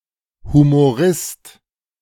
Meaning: humorist
- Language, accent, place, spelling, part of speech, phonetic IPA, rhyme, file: German, Germany, Berlin, Humorist, noun, [humoˈʁɪst], -ɪst, De-Humorist.ogg